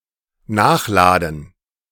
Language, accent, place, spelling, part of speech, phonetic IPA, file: German, Germany, Berlin, nachladen, verb, [ˈnaːxˌlaːdn̩], De-nachladen.ogg
- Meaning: to reload